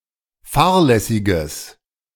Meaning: strong/mixed nominative/accusative neuter singular of fahrlässig
- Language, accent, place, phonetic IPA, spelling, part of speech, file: German, Germany, Berlin, [ˈfaːɐ̯lɛsɪɡəs], fahrlässiges, adjective, De-fahrlässiges.ogg